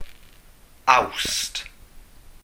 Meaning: August
- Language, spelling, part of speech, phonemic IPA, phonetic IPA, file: Welsh, Awst, proper noun, /au̯sd/, [au̯st], Cy-Awst.ogg